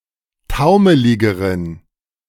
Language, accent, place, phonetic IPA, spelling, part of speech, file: German, Germany, Berlin, [ˈtaʊ̯məlɪɡəʁən], taumeligeren, adjective, De-taumeligeren.ogg
- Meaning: inflection of taumelig: 1. strong genitive masculine/neuter singular comparative degree 2. weak/mixed genitive/dative all-gender singular comparative degree